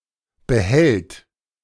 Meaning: third-person singular present of behalten
- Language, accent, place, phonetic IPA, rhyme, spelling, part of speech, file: German, Germany, Berlin, [bəˈhɛlt], -ɛlt, behält, verb, De-behält.ogg